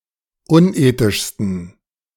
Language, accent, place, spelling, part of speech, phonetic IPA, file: German, Germany, Berlin, unethischsten, adjective, [ˈʊnˌʔeːtɪʃstn̩], De-unethischsten.ogg
- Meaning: 1. superlative degree of unethisch 2. inflection of unethisch: strong genitive masculine/neuter singular superlative degree